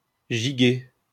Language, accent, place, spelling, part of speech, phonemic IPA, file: French, France, Lyon, giguer, verb, /ʒi.ɡe/, LL-Q150 (fra)-giguer.wav
- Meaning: 1. to dance the jig 2. to dance, gambol, prance, frolic